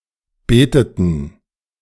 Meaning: inflection of beten: 1. first/third-person plural preterite 2. first/third-person plural subjunctive II
- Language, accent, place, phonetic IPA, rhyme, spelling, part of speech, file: German, Germany, Berlin, [ˈbeːtətn̩], -eːtətn̩, beteten, verb, De-beteten.ogg